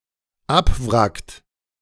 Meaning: inflection of abwracken: 1. third-person singular dependent present 2. second-person plural dependent present
- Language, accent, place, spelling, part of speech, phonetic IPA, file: German, Germany, Berlin, abwrackt, verb, [ˈapˌvʁakt], De-abwrackt.ogg